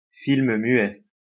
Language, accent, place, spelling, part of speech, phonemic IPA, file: French, France, Lyon, film muet, noun, /film mɥɛ/, LL-Q150 (fra)-film muet.wav
- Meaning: silent film